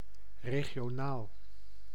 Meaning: regional
- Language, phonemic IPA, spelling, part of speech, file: Dutch, /ˌreɣijoˈnal/, regionaal, adjective, Nl-regionaal.ogg